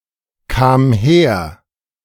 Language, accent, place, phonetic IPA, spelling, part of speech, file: German, Germany, Berlin, [kaːm ˈheːɐ̯], kam her, verb, De-kam her.ogg
- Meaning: first/third-person singular preterite of herkommen